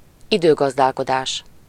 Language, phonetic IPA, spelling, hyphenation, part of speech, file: Hungarian, [ˈidøːɡɒzdaːlkodaːʃ], időgazdálkodás, idő‧gaz‧dál‧ko‧dás, noun, Hu-időgazdálkodás.ogg
- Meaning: time management